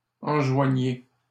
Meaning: inflection of enjoindre: 1. second-person plural present indicative 2. second-person plural imperative
- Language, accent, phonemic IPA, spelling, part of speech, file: French, Canada, /ɑ̃.ʒwa.ɲe/, enjoignez, verb, LL-Q150 (fra)-enjoignez.wav